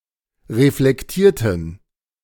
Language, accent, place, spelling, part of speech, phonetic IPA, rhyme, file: German, Germany, Berlin, reflektierten, adjective / verb, [ʁeflɛkˈtiːɐ̯tn̩], -iːɐ̯tn̩, De-reflektierten.ogg
- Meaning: inflection of reflektieren: 1. first/third-person plural preterite 2. first/third-person plural subjunctive II